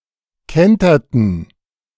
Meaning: inflection of kentern: 1. first/third-person plural preterite 2. first/third-person plural subjunctive II
- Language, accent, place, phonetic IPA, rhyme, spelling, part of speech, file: German, Germany, Berlin, [ˈkɛntɐtn̩], -ɛntɐtn̩, kenterten, verb, De-kenterten.ogg